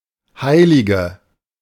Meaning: 1. female equivalent of Heiliger: female saint 2. female equivalent of Heiliger: virtuous, honest woman 3. inflection of Heiliger: strong nominative/accusative plural
- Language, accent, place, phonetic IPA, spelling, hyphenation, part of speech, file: German, Germany, Berlin, [ˈhaɪ̯lɪɡə], Heilige, Hei‧li‧ge, noun, De-Heilige.ogg